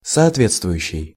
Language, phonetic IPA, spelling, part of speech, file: Russian, [sɐɐtˈvʲet͡stvʊjʉɕːɪj], соответствующий, verb / adjective, Ru-соответствующий.ogg
- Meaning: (verb) present active imperfective participle of соотве́тствовать (sootvétstvovatʹ); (adjective) 1. corresponding, respective 2. appropriate, suitable